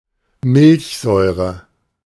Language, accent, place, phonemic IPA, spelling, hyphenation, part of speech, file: German, Germany, Berlin, /ˈmɪlçzɔɪ̯ʁə/, Milchsäure, Milch‧säu‧re, noun, De-Milchsäure.ogg
- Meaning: lactic acid